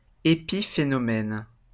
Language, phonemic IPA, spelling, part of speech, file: French, /e.pi.fe.nɔ.mɛn/, épiphénomène, noun, LL-Q150 (fra)-épiphénomène.wav
- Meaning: 1. epiphenomenon 2. secondary phenomenon 3. byproduct